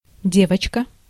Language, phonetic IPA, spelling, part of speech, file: Russian, [ˈdʲevət͡ɕkə], девочка, noun, Ru-девочка.ogg
- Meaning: girl, little girl (before the age of puberty)